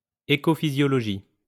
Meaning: ecophysiology
- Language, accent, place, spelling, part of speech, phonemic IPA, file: French, France, Lyon, écophysiologie, noun, /e.ko.fi.zjɔ.lɔ.ʒi/, LL-Q150 (fra)-écophysiologie.wav